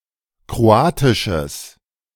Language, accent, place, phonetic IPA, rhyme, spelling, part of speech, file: German, Germany, Berlin, [kʁoˈaːtɪʃəs], -aːtɪʃəs, kroatisches, adjective, De-kroatisches.ogg
- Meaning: strong/mixed nominative/accusative neuter singular of kroatisch